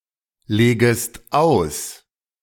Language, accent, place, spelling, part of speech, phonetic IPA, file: German, Germany, Berlin, legest aus, verb, [ˌleːɡəst ˈaʊ̯s], De-legest aus.ogg
- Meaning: second-person singular subjunctive I of auslegen